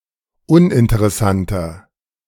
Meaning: 1. comparative degree of uninteressant 2. inflection of uninteressant: strong/mixed nominative masculine singular 3. inflection of uninteressant: strong genitive/dative feminine singular
- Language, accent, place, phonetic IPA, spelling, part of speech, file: German, Germany, Berlin, [ˈʊnʔɪntəʁɛˌsantɐ], uninteressanter, adjective, De-uninteressanter.ogg